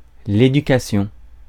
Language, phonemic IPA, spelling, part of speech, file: French, /e.dy.ka.sjɔ̃/, éducation, noun, Fr-éducation.ogg
- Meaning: 1. education (all meanings) 2. upbringing